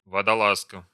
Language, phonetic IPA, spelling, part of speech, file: Russian, [vədɐˈɫaskə], водолазка, noun, Ru-водолазка.ogg
- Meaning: 1. female equivalent of водола́з (vodoláz): female diver 2. polo-neck sweater, turtleneck sweater